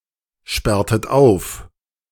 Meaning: inflection of aufsperren: 1. second-person plural preterite 2. second-person plural subjunctive II
- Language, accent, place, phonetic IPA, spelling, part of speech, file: German, Germany, Berlin, [ˌʃpɛʁtət ˈaʊ̯f], sperrtet auf, verb, De-sperrtet auf.ogg